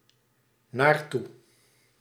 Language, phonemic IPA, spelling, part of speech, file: Dutch, /narˈtu/, naartoe, adverb, Nl-naartoe.ogg
- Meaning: to, towards (an end point or destination)